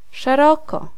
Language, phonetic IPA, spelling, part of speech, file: Polish, [ʃɛˈrɔkɔ], szeroko, adverb, Pl-szeroko.ogg